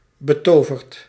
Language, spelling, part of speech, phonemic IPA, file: Dutch, betoverd, verb / adjective, /bəˈtovərt/, Nl-betoverd.ogg
- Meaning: past participle of betoveren